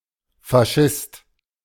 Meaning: fascist, Fascist
- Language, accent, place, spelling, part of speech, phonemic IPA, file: German, Germany, Berlin, Faschist, noun, /faˈʃɪst/, De-Faschist.ogg